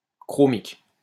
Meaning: chromic
- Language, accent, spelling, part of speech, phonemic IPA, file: French, France, chromique, adjective, /kʁɔ.mik/, LL-Q150 (fra)-chromique.wav